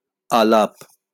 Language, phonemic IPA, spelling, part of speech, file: Bengali, /alap/, আলাপ, noun, LL-Q9610 (ben)-আলাপ.wav
- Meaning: talk